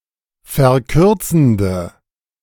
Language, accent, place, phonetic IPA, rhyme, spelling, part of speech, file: German, Germany, Berlin, [fɛɐ̯ˈkʏʁt͡sn̩də], -ʏʁt͡sn̩də, verkürzende, adjective, De-verkürzende.ogg
- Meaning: inflection of verkürzend: 1. strong/mixed nominative/accusative feminine singular 2. strong nominative/accusative plural 3. weak nominative all-gender singular